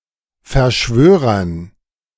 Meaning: dative plural of Verschwörer
- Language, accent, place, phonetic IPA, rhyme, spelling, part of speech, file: German, Germany, Berlin, [fɛɐ̯ˈʃvøːʁɐn], -øːʁɐn, Verschwörern, noun, De-Verschwörern.ogg